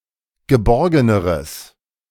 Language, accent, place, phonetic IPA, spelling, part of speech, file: German, Germany, Berlin, [ɡəˈbɔʁɡənəʁəs], geborgeneres, adjective, De-geborgeneres.ogg
- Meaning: strong/mixed nominative/accusative neuter singular comparative degree of geborgen